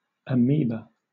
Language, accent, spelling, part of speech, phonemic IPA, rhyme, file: English, Southern England, amoeba, noun, /əˈmiːbə/, -iːbə, LL-Q1860 (eng)-amoeba.wav
- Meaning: A member of the genus Amoeba of unicellular protozoa that moves by means of temporary projections called pseudopodia